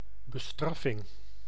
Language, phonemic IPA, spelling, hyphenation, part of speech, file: Dutch, /bəˈstrɑ.fɪŋ/, bestraffing, be‧straf‧fing, noun, Nl-bestraffing.ogg
- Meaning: punishment, usually as a negative sanction